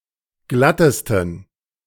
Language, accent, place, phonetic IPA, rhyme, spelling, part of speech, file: German, Germany, Berlin, [ˈɡlatəstn̩], -atəstn̩, glattesten, adjective, De-glattesten.ogg
- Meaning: 1. superlative degree of glatt 2. inflection of glatt: strong genitive masculine/neuter singular superlative degree